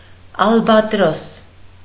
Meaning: albatross
- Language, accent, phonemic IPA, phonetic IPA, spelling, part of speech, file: Armenian, Eastern Armenian, /ɑlbɑtˈɾos/, [ɑlbɑtɾós], ալբատրոս, noun, Hy-ալբատրոս.ogg